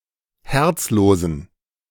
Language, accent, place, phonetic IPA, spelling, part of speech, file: German, Germany, Berlin, [ˈhɛʁt͡sˌloːzn̩], herzlosen, adjective, De-herzlosen.ogg
- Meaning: inflection of herzlos: 1. strong genitive masculine/neuter singular 2. weak/mixed genitive/dative all-gender singular 3. strong/weak/mixed accusative masculine singular 4. strong dative plural